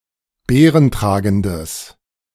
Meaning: strong/mixed nominative/accusative neuter singular of beerentragend
- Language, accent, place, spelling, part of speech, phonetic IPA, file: German, Germany, Berlin, beerentragendes, adjective, [ˈbeːʁənˌtʁaːɡn̩dəs], De-beerentragendes.ogg